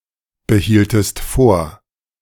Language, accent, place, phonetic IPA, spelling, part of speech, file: German, Germany, Berlin, [bəˌhiːltəst ˈfoːɐ̯], behieltest vor, verb, De-behieltest vor.ogg
- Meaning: inflection of vorbehalten: 1. second-person singular preterite 2. second-person singular subjunctive II